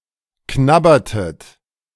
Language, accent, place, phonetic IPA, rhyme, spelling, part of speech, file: German, Germany, Berlin, [ˈknabɐtət], -abɐtət, knabbertet, verb, De-knabbertet.ogg
- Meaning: inflection of knabbern: 1. second-person plural preterite 2. second-person plural subjunctive II